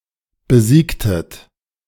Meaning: inflection of besiegen: 1. second-person plural preterite 2. second-person plural subjunctive II
- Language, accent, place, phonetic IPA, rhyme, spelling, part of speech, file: German, Germany, Berlin, [bəˈziːktət], -iːktət, besiegtet, verb, De-besiegtet.ogg